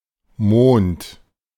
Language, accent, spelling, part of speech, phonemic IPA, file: German, Germany, Mond, proper noun / noun, /moːnt/, De-Mond.ogg
- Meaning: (proper noun) the Moon; Earth's only natural satellite, and also a luminary; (noun) 1. moon (a natural satellite that is orbiting its corresponding planet) 2. a month, especially a lunar month